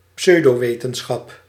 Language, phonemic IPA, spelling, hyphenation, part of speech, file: Dutch, /ˈpsœy̯.doːˌʋeː.tə(n).sxɑp/, pseudowetenschap, pseu‧do‧we‧ten‧schap, noun, Nl-pseudowetenschap.ogg
- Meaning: pseudoscience, pseudoscholarship